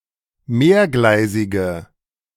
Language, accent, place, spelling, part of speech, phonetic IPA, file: German, Germany, Berlin, mehrgleisige, adjective, [ˈmeːɐ̯ˌɡlaɪ̯zɪɡə], De-mehrgleisige.ogg
- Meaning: inflection of mehrgleisig: 1. strong/mixed nominative/accusative feminine singular 2. strong nominative/accusative plural 3. weak nominative all-gender singular